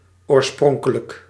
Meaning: 1. original 2. pristine
- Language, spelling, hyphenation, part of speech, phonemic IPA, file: Dutch, oorspronkelijk, oor‧spron‧ke‧lijk, adjective, /ˌoːrˈsprɔŋ.kə.lək/, Nl-oorspronkelijk.ogg